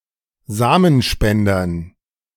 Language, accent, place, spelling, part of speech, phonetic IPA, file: German, Germany, Berlin, Samenspendern, noun, [ˈzaːmənˌʃpɛndɐn], De-Samenspendern.ogg
- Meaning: dative plural of Samenspender